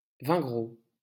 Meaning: Vingrau (a small town and commune of Pyrénées-Orientales department, Occitania, France, historically part of Northern Catalonia)
- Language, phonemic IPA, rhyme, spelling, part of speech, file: French, /vɛ̃.ɡʁo/, -o, Vingrau, proper noun, LL-Q150 (fra)-Vingrau.wav